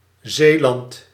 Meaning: 1. Zeeland (a province of the Netherlands) 2. a village and former municipality of Maashorst, North Brabant, Netherlands 3. a hamlet in Berg en Dal, Gelderland, Netherlands
- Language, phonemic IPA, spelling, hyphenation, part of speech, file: Dutch, /ˈzeː.lɑnt/, Zeeland, Zee‧land, proper noun, Nl-Zeeland.ogg